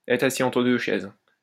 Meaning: to fall between two stools, to have a foot in both camps, to be piggy in the middle, to be caught in the middle, to be sitting on the fence
- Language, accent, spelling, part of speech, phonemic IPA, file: French, France, être assis entre deux chaises, verb, /ɛtʁ a.si ɑ̃.tʁə dø ʃɛz/, LL-Q150 (fra)-être assis entre deux chaises.wav